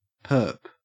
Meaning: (noun) A perpetrator; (adjective) Clipping of perpendicular; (noun) 1. A perpetual bond 2. Perpetual futures
- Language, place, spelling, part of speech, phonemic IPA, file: English, Queensland, perp, noun / adjective, /pɜːp/, En-au-perp.ogg